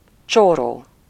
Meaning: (adjective) poor; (noun) 1. poor person 2. someone, a person, man
- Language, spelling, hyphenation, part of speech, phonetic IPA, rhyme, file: Hungarian, csóró, csó‧ró, adjective / noun, [ˈt͡ʃoːroː], -roː, Hu-csóró.ogg